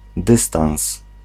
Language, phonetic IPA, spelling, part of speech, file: Polish, [ˈdɨstãw̃s], dystans, noun, Pl-dystans.ogg